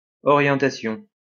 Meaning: orientation
- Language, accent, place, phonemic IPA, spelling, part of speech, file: French, France, Lyon, /ɔ.ʁjɑ̃.ta.sjɔ̃/, orientation, noun, LL-Q150 (fra)-orientation.wav